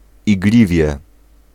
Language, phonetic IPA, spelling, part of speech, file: Polish, [iɡˈlʲivʲjɛ], igliwie, noun, Pl-igliwie.ogg